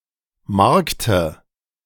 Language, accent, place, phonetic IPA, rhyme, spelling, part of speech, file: German, Germany, Berlin, [ˈmaʁktə], -aʁktə, Markte, noun, De-Markte.ogg
- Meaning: dative singular of Markt